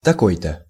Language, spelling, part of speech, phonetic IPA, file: Russian, такой-то, determiner, [tɐˈkoj‿tə], Ru-такой-то.ogg
- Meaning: 1. such-and-such, so-and-so (unstated, given) 2. such person (in a document)